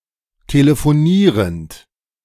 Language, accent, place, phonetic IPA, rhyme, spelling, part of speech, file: German, Germany, Berlin, [teləfoˈniːʁənt], -iːʁənt, telefonierend, verb, De-telefonierend.ogg
- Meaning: present participle of telefonieren